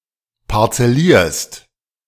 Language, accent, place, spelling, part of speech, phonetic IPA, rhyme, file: German, Germany, Berlin, parzellierst, verb, [paʁt͡sɛˈliːɐ̯st], -iːɐ̯st, De-parzellierst.ogg
- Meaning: second-person singular present of parzellieren